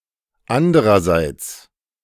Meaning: alternative form of andererseits
- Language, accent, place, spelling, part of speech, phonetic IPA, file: German, Germany, Berlin, andrerseits, adverb, [ˈandʁɐzaɪ̯t͡s], De-andrerseits.ogg